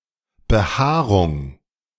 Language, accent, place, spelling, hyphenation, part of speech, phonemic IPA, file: German, Germany, Berlin, Behaarung, Be‧haa‧rung, noun, /bəˈhaːʁʊŋ/, De-Behaarung2.ogg
- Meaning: 1. hair 2. fur